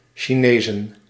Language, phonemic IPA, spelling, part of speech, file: Dutch, /ʃiˈneː.zə(n)/, Chinezen, noun, Nl-Chinezen.ogg
- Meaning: plural of Chinees